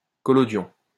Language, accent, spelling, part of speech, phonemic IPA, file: French, France, collodion, adjective / noun, /kɔ.lɔ.djɔ̃/, LL-Q150 (fra)-collodion.wav
- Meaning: collodion